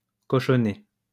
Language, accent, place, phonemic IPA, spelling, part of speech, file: French, France, Lyon, /kɔ.ʃɔ.ne/, cochonner, verb, LL-Q150 (fra)-cochonner.wav
- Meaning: to mess up